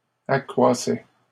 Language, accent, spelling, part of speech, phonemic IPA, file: French, Canada, accroissait, verb, /a.kʁwa.sɛ/, LL-Q150 (fra)-accroissait.wav
- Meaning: third-person singular imperfect indicative of accroître